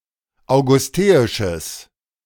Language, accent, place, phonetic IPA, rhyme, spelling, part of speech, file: German, Germany, Berlin, [aʊ̯ɡʊsˈteːɪʃəs], -eːɪʃəs, augusteisches, adjective, De-augusteisches.ogg
- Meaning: strong/mixed nominative/accusative neuter singular of augusteisch